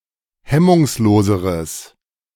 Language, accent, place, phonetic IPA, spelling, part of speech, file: German, Germany, Berlin, [ˈhɛmʊŋsˌloːzəʁəs], hemmungsloseres, adjective, De-hemmungsloseres.ogg
- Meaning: strong/mixed nominative/accusative neuter singular comparative degree of hemmungslos